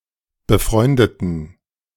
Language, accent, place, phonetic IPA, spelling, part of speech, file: German, Germany, Berlin, [bəˈfʁɔɪ̯ndətn̩], befreundeten, adjective / verb, De-befreundeten.ogg
- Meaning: inflection of befreunden: 1. first/third-person plural preterite 2. first/third-person plural subjunctive II